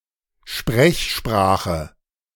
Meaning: spoken language
- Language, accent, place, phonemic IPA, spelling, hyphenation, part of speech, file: German, Germany, Berlin, /ˈʃpʁɛçˌʃpʁaːxə/, Sprechsprache, Sprech‧spra‧che, noun, De-Sprechsprache.ogg